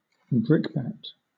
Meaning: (noun) A piece of brick, rock, etc., especially when used as a weapon (for example, thrown or placed in a sock or other receptacle and used as a club)
- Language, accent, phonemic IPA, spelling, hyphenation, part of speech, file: English, Southern England, /ˈbɹɪkbæt/, brickbat, brick‧bat, noun / verb, LL-Q1860 (eng)-brickbat.wav